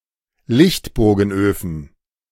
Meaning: plural of Lichtbogenofen
- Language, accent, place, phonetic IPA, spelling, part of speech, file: German, Germany, Berlin, [ˈlɪçtboːɡn̩ˌʔøːfn̩], Lichtbogenöfen, noun, De-Lichtbogenöfen.ogg